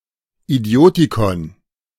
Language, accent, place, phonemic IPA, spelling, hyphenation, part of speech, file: German, Germany, Berlin, /iˈdi̯oːtikɔn/, Idiotikon, Idi‧o‧ti‧kon, noun, De-Idiotikon.ogg
- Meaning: idioticon